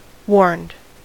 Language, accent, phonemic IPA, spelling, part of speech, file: English, US, /wɔɹnd/, warned, verb, En-us-warned.ogg
- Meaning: simple past and past participle of warn